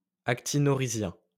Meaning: actinorhizal
- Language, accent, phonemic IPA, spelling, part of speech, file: French, France, /ak.ti.nɔ.ʁi.zjɛ̃/, actinorhizien, adjective, LL-Q150 (fra)-actinorhizien.wav